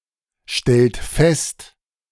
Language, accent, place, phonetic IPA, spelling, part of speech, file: German, Germany, Berlin, [ˌʃtɛlt ˈfɛst], stellt fest, verb, De-stellt fest.ogg
- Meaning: inflection of feststellen: 1. third-person singular present 2. second-person plural present 3. plural imperative